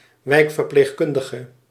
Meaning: district nurse (one who provides medical care locally)
- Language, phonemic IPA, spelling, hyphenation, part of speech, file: Dutch, /ˈʋɛi̯k.vər.pleːxˌkʏn.də.ɣə/, wijkverpleegkundige, wijk‧ver‧pleeg‧kun‧di‧ge, noun, Nl-wijkverpleegkundige.ogg